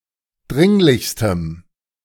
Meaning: strong dative masculine/neuter singular superlative degree of dringlich
- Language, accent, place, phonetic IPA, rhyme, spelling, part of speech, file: German, Germany, Berlin, [ˈdʁɪŋlɪçstəm], -ɪŋlɪçstəm, dringlichstem, adjective, De-dringlichstem.ogg